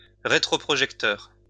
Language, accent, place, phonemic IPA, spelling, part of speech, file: French, France, Lyon, /ʁe.tʁɔ.pʁɔ.ʒɛk.tœʁ/, rétroprojecteur, noun, LL-Q150 (fra)-rétroprojecteur.wav
- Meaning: overhead projector